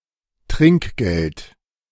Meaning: 1. tip (small amount of money given to service providers, such as waiters, hairdressers, taxi drivers etc.) 2. any small or insufficient amount of money, e.g. a low wage
- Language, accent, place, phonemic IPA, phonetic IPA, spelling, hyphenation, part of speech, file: German, Germany, Berlin, /ˈtrɪŋkˌɡɛlt/, [ˈtʁɪŋ(k)ˌɡ̊ɛlt], Trinkgeld, Trink‧geld, noun, De-Trinkgeld.ogg